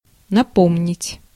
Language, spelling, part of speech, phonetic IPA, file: Russian, напомнить, verb, [nɐˈpomnʲɪtʲ], Ru-напомнить.ogg
- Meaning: 1. to remind, to dun (cause one to experience a memory; bring to a person's notice) 2. to resemble, to look like